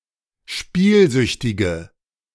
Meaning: inflection of spielsüchtig: 1. strong/mixed nominative/accusative feminine singular 2. strong nominative/accusative plural 3. weak nominative all-gender singular
- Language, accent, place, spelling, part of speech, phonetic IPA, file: German, Germany, Berlin, spielsüchtige, adjective, [ˈʃpiːlˌzʏçtɪɡə], De-spielsüchtige.ogg